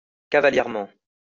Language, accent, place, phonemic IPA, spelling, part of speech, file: French, France, Lyon, /ka.va.ljɛʁ.mɑ̃/, cavalièrement, adverb, LL-Q150 (fra)-cavalièrement.wav
- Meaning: offhandedly (in a cavalier manner)